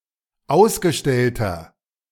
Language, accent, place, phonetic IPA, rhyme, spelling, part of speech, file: German, Germany, Berlin, [ˈaʊ̯sɡəˌʃtɛltɐ], -aʊ̯sɡəʃtɛltɐ, ausgestellter, adjective, De-ausgestellter.ogg
- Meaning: inflection of ausgestellt: 1. strong/mixed nominative masculine singular 2. strong genitive/dative feminine singular 3. strong genitive plural